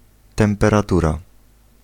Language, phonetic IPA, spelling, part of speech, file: Polish, [ˌtɛ̃mpɛraˈtura], temperatura, noun, Pl-temperatura.ogg